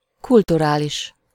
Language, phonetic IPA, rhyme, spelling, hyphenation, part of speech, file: Hungarian, [ˈkulturaːliʃ], -iʃ, kulturális, kul‧tu‧rá‧lis, adjective, Hu-kulturális.ogg
- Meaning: cultural